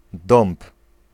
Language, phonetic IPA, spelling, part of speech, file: Polish, [dɔ̃mp], dąb, noun, Pl-dąb.ogg